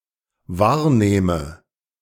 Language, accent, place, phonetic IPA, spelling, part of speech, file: German, Germany, Berlin, [ˈvaːɐ̯ˌneːmə], wahrnehme, verb, De-wahrnehme.ogg
- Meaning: inflection of wahrnehmen: 1. first-person singular dependent present 2. first/third-person singular dependent subjunctive I